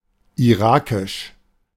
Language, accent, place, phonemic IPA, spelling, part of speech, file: German, Germany, Berlin, /iˈʁaːkɪʃ/, irakisch, adjective, De-irakisch.ogg
- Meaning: of Iraq; Iraqi